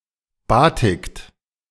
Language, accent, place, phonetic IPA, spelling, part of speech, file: German, Germany, Berlin, [ˈbaːtɪkt], batikt, verb, De-batikt.ogg
- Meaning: inflection of batiken: 1. second-person plural present 2. third-person singular present 3. plural imperative